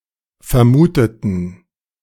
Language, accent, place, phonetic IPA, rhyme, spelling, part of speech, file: German, Germany, Berlin, [fɛɐ̯ˈmuːtətn̩], -uːtətn̩, vermuteten, adjective / verb, De-vermuteten.ogg
- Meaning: inflection of vermutet: 1. strong genitive masculine/neuter singular 2. weak/mixed genitive/dative all-gender singular 3. strong/weak/mixed accusative masculine singular 4. strong dative plural